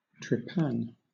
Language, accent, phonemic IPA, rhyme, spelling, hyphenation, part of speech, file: English, Southern England, /tɹɪˈpæn/, -æn, trepan, tre‧pan, noun / verb, LL-Q1860 (eng)-trepan.wav
- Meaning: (noun) 1. A tool used to bore through rock when sinking shafts 2. A surgical instrument used to remove a circular section of bone from the skull; a trephine